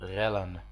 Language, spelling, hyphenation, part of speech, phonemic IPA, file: Dutch, rellen, rel‧len, verb / noun, /ˈrɛ.lə(n)/, Nl-rellen.ogg
- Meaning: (verb) to riot; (noun) plural of rel